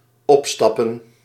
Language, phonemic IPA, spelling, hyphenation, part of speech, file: Dutch, /ˈɔp.stɑ.pə(n)/, opstappen, op‧stap‧pen, verb / noun, Nl-opstappen.ogg
- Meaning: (verb) 1. to go away, resign 2. to depart (as in "step away") 3. to board (as in "step (up) into" or "step on board"); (noun) plural of opstap